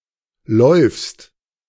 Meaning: second-person singular informal present of laufen 'to run'
- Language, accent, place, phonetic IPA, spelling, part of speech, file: German, Germany, Berlin, [lɔyfst], läufst, verb, De-läufst.ogg